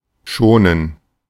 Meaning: 1. to spare (not harm) 2. to spare (not harm): [with genitive ‘something/someone’] 3. to rest, to avoid overexertion
- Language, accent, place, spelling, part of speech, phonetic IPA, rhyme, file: German, Germany, Berlin, schonen, verb, [ˈʃoːnən], -oːnən, De-schonen.ogg